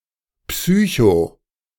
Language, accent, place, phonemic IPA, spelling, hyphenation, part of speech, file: German, Germany, Berlin, /ˈpsy(ː)ço/, psycho-, psy‧cho-, prefix, De-psycho-.ogg
- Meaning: psycho- (relating to the soul, the mind, or to psychology)